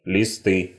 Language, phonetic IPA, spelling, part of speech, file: Russian, [lʲɪˈstɨ], листы, noun, Ru-листы.ogg
- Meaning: nominative/accusative plural of лист (list)